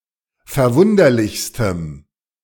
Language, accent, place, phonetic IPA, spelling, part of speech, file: German, Germany, Berlin, [fɛɐ̯ˈvʊndɐlɪçstəm], verwunderlichstem, adjective, De-verwunderlichstem.ogg
- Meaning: strong dative masculine/neuter singular superlative degree of verwunderlich